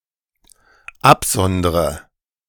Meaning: inflection of absondern: 1. first-person singular dependent present 2. first/third-person singular dependent subjunctive I
- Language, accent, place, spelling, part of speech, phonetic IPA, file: German, Germany, Berlin, absondre, verb, [ˈapˌzɔndʁə], De-absondre.ogg